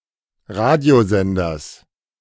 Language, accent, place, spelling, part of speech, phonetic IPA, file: German, Germany, Berlin, Radiosenders, noun, [ˈʁaːdi̯oˌzɛndɐs], De-Radiosenders.ogg
- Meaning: genitive singular of Radiosender